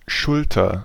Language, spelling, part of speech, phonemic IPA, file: German, Schulter, noun, /ˈʃʊltɐ/, De-Schulter.ogg
- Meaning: shoulder